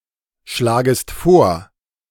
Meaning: second-person singular subjunctive I of vorschlagen
- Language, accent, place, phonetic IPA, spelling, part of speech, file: German, Germany, Berlin, [ˌʃlaːɡəst ˈfoːɐ̯], schlagest vor, verb, De-schlagest vor.ogg